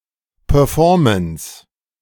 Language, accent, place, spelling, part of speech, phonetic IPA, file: German, Germany, Berlin, Performance, noun, [pœːɐ̯ˈfɔːɐ̯məns], De-Performance.ogg
- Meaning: 1. performance 2. performance (the execution of a task or the yield of an investment)